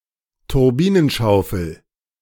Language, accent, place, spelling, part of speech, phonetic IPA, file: German, Germany, Berlin, Turbinenschaufel, noun, [tʊʁˈbiːnənˌʃaʊ̯fl̩], De-Turbinenschaufel.ogg
- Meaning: turbine blade